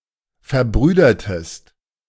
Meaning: inflection of verbrüdern: 1. second-person singular preterite 2. second-person singular subjunctive II
- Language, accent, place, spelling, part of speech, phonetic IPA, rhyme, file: German, Germany, Berlin, verbrüdertest, verb, [fɛɐ̯ˈbʁyːdɐtəst], -yːdɐtəst, De-verbrüdertest.ogg